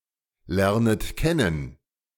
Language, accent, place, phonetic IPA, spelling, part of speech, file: German, Germany, Berlin, [ˌlɛʁnət ˈkɛnən], lernet kennen, verb, De-lernet kennen.ogg
- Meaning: second-person plural subjunctive I of kennen lernen